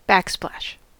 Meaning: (noun) A vertical covering on a wall rising above a countertop or other work surface to protect the wall from spills and to decorate the wall
- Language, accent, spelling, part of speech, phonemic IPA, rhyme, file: English, US, backsplash, noun / verb, /ˈbækˌsplæʃ/, -æʃ, En-us-backsplash.ogg